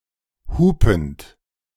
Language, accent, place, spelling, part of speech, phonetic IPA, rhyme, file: German, Germany, Berlin, hupend, verb, [ˈhuːpn̩t], -uːpn̩t, De-hupend.ogg
- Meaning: present participle of hupen